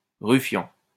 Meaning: ruffian (scoundrel, rascal)
- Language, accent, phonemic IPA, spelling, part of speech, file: French, France, /ʁy.fjɑ̃/, rufian, noun, LL-Q150 (fra)-rufian.wav